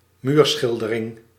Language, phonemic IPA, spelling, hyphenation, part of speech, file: Dutch, /ˈmyrsxɪldəˌrɪŋ/, muurschildering, muur‧schil‧de‧ring, noun, Nl-muurschildering.ogg
- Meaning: mural